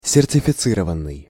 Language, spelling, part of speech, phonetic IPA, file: Russian, сертифицированный, verb, [sʲɪrtʲɪfʲɪˈt͡sɨrəvən(ː)ɨj], Ru-сертифицированный.ogg
- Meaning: 1. past passive imperfective participle of сертифици́ровать (sertificírovatʹ) 2. past passive perfective participle of сертифици́ровать (sertificírovatʹ)